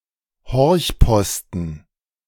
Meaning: listening post
- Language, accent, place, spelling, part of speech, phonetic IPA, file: German, Germany, Berlin, Horchposten, noun, [ˈhɔʁçˌpɔstn̩], De-Horchposten.ogg